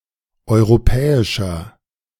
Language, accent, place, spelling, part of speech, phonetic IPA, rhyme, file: German, Germany, Berlin, europäischer, adjective, [ˌɔɪ̯ʁoˈpɛːɪʃɐ], -ɛːɪʃɐ, De-europäischer.ogg
- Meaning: 1. comparative degree of europäisch 2. inflection of europäisch: strong/mixed nominative masculine singular 3. inflection of europäisch: strong genitive/dative feminine singular